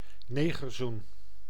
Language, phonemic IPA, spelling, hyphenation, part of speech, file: Dutch, /ˈneː.ɣərˌzun/, negerzoen, ne‧ger‧zoen, noun, Nl-negerzoen.ogg
- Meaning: chocolate-coated cream or marshmallow treat